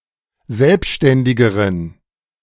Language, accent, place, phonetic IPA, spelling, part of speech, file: German, Germany, Berlin, [ˈzɛlpʃtɛndɪɡəʁən], selbständigeren, adjective, De-selbständigeren.ogg
- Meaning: inflection of selbständig: 1. strong genitive masculine/neuter singular comparative degree 2. weak/mixed genitive/dative all-gender singular comparative degree